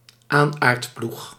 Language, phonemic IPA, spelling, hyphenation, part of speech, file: Dutch, /ˈaːn.aːrtˌplux/, aanaardploeg, aan‧aard‧ploeg, noun, Nl-aanaardploeg.ogg
- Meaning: plough apt to earth up soil